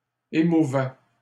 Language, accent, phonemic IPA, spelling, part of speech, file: French, Canada, /e.mu.vɛ/, émouvais, verb, LL-Q150 (fra)-émouvais.wav
- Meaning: first/second-person singular imperfect indicative of émouvoir